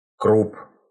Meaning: 1. croup 2. croup, crupper 3. genitive plural of крупа́ (krupá)
- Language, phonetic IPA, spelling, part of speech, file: Russian, [krup], круп, noun, Ru-круп.ogg